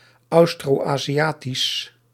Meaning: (adjective) Austroasiatic; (proper noun) the Austroasiatic family of languages
- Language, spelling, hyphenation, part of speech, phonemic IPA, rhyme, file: Dutch, Austroaziatisch, Aus‧tro‧azi‧a‧tisch, adjective / proper noun, /ˌɑu̯.stroːˌ.aː.ziˈaː.tis/, -aːtis, Nl-Austroaziatisch.ogg